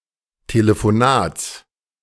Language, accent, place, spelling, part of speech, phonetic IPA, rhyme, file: German, Germany, Berlin, Telefonats, noun, [teləfoˈnaːt͡s], -aːt͡s, De-Telefonats.ogg
- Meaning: genitive of Telefonat